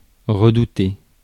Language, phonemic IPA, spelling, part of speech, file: French, /ʁə.du.te/, redouter, verb, Fr-redouter.ogg
- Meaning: to dread, to fear